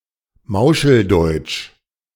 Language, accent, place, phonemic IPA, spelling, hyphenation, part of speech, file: German, Germany, Berlin, /ˈmaʊ̯ʃl̩ˌdɔɪ̯t͡ʃ/, Mauscheldeutsch, Mau‧schel‧deutsch, proper noun, De-Mauscheldeutsch.ogg
- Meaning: Yiddish-accented German